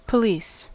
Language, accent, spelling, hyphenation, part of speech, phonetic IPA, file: English, US, police, po‧lice, noun / verb, [pʰə̆ˈliˑs], En-us-police.ogg
- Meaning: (noun) A constituted body of officers representing the civil authority of government, empowered to maintain public order and safety, enforce the law, and prevent, detect, and investigate crime